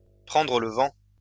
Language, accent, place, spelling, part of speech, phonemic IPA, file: French, France, Lyon, prendre le vent, verb, /pʁɑ̃.dʁə l(ə) vɑ̃/, LL-Q150 (fra)-prendre le vent.wav
- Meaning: 1. to catch the wind 2. to see which way the wind is blowing, to put one's finger to the wind, to sound out, to gauge, to put out feelers